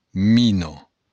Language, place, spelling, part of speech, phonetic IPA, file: Occitan, Béarn, mina, noun, [miˈnɔ], LL-Q14185 (oci)-mina.wav
- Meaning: mine